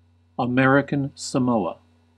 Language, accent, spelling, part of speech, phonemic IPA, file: English, US, American Samoa, proper noun, /əˈmɛɹ.ɪ.kən səˈmoʊ.ə/, En-us-American Samoa.ogg
- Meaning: An archipelago and overseas territory of the United States in the Pacific Ocean. Official name: Territory of American Samoa. It is distinct from Samoa (formerly: Western Samoa)